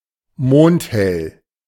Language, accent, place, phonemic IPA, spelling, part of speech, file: German, Germany, Berlin, /ˈmoːnthɛl/, mondhell, adjective, De-mondhell.ogg
- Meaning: moonlit